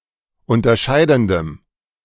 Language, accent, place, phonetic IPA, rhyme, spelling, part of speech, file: German, Germany, Berlin, [ˌʊntɐˈʃaɪ̯dn̩dəm], -aɪ̯dn̩dəm, unterscheidendem, adjective, De-unterscheidendem.ogg
- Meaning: strong dative masculine/neuter singular of unterscheidend